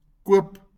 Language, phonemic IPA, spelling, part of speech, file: Afrikaans, /kʊə̯p/, koop, verb, LL-Q14196 (afr)-koop.wav
- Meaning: To buy